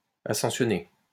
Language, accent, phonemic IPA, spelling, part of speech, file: French, France, /a.sɑ̃.sjɔ.ne/, ascensionner, verb, LL-Q150 (fra)-ascensionner.wav
- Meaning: 1. to climb (a mountain) 2. to ascend